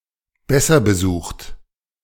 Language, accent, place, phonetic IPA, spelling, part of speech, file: German, Germany, Berlin, [ˈbɛsɐ bəˌzuːxt], besser besucht, adjective, De-besser besucht.ogg
- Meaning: comparative degree of gutbesucht